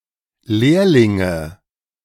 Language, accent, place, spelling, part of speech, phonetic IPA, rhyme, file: German, Germany, Berlin, Lehrlinge, noun, [ˈleːɐ̯lɪŋə], -eːɐ̯lɪŋə, De-Lehrlinge.ogg
- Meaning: nominative/accusative/genitive plural of Lehrling